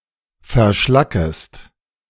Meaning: second-person singular subjunctive I of verschlacken
- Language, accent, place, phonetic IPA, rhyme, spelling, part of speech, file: German, Germany, Berlin, [fɛɐ̯ˈʃlakəst], -akəst, verschlackest, verb, De-verschlackest.ogg